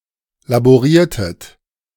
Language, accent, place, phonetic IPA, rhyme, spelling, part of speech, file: German, Germany, Berlin, [laboˈʁiːɐ̯tət], -iːɐ̯tət, laboriertet, verb, De-laboriertet.ogg
- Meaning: inflection of laborieren: 1. second-person plural preterite 2. second-person plural subjunctive II